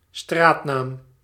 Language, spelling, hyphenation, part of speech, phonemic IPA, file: Dutch, straatnaam, straat‧naam, noun, /ˈstraːt.naːm/, Nl-straatnaam.ogg
- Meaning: street name, road name